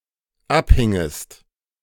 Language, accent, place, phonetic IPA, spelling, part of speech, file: German, Germany, Berlin, [ˈapˌhɪŋəst], abhingest, verb, De-abhingest.ogg
- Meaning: second-person singular dependent subjunctive II of abhängen